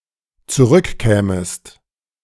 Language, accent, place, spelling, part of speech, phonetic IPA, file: German, Germany, Berlin, zurückkämest, verb, [t͡suˈʁʏkˌkɛːməst], De-zurückkämest.ogg
- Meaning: second-person singular dependent subjunctive II of zurückkommen